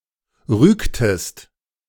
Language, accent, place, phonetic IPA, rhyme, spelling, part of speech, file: German, Germany, Berlin, [ˈʁyːktəst], -yːktəst, rügtest, verb, De-rügtest.ogg
- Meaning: inflection of rügen: 1. second-person singular preterite 2. second-person singular subjunctive II